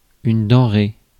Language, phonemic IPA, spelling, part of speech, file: French, /dɑ̃.ʁe/, denrée, noun, Fr-denrée.ogg
- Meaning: 1. merchandise, goods 2. commodity 3. foodstuff